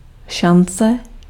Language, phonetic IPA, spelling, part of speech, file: Czech, [ˈʃant͡sɛ], šance, noun, Cs-šance.ogg
- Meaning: chance, odds, opportunity or possibility